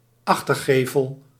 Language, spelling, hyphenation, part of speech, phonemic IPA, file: Dutch, achtergevel, ach‧ter‧ge‧vel, noun, /ˈɑx.tərˌɣeː.vəl/, Nl-achtergevel.ogg
- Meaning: back façade